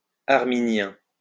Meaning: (adjective) Arminian
- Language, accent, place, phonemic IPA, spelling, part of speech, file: French, France, Lyon, /aʁ.mi.njɛ̃/, arminien, adjective / noun, LL-Q150 (fra)-arminien.wav